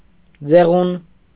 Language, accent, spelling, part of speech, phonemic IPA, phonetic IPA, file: Armenian, Eastern Armenian, ձեղուն, noun, /d͡zeˈʁun/, [d͡zeʁún], Hy-ձեղուն.ogg
- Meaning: ceiling